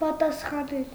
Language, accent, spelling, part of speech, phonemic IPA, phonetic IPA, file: Armenian, Eastern Armenian, պատասխանել, verb, /pɑtɑsχɑˈnel/, [pɑtɑsχɑnél], Hy-պատասխանել.ogg
- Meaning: to answer